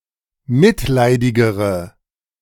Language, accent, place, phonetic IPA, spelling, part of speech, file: German, Germany, Berlin, [ˈmɪtˌlaɪ̯dɪɡəʁə], mitleidigere, adjective, De-mitleidigere.ogg
- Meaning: inflection of mitleidig: 1. strong/mixed nominative/accusative feminine singular comparative degree 2. strong nominative/accusative plural comparative degree